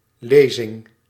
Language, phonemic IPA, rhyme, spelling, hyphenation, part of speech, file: Dutch, /ˈleː.zɪŋ/, -eːzɪŋ, lezing, le‧zing, noun, Nl-lezing.ogg
- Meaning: 1. reading (act of) 2. lecture 3. reading (of a text), passage (that is read) 4. reading (an attested or proposed variant of a section of text)